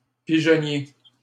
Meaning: dovecote
- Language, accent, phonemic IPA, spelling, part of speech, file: French, Canada, /pi.ʒɔ.nje/, pigeonnier, noun, LL-Q150 (fra)-pigeonnier.wav